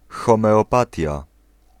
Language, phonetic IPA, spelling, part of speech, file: Polish, [ˌxɔ̃mɛɔˈpatʲja], homeopatia, noun, Pl-homeopatia.ogg